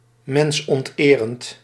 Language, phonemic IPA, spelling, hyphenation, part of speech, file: Dutch, /ˌmɛns.ɔntˈeː.rənt/, mensonterend, mens‧ont‧erend, adjective, Nl-mensonterend.ogg
- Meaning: Violating one's basic human dignity; extremely degrading to humans; dehumanizing